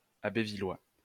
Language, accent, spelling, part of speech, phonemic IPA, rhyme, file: French, France, abbevillois, adjective, /ab.vi.lwa/, -a, LL-Q150 (fra)-abbevillois.wav
- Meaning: of the Northern French city of Abbeville